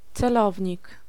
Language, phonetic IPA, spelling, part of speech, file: Polish, [t͡sɛˈlɔvʲɲik], celownik, noun, Pl-celownik.ogg